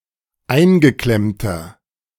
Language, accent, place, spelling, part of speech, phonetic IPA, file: German, Germany, Berlin, eingeklemmter, adjective, [ˈaɪ̯nɡəˌklɛmtɐ], De-eingeklemmter.ogg
- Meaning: inflection of eingeklemmt: 1. strong/mixed nominative masculine singular 2. strong genitive/dative feminine singular 3. strong genitive plural